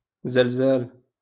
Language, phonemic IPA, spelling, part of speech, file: Moroccan Arabic, /zal.zaːl/, زلزال, noun, LL-Q56426 (ary)-زلزال.wav
- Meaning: earthquake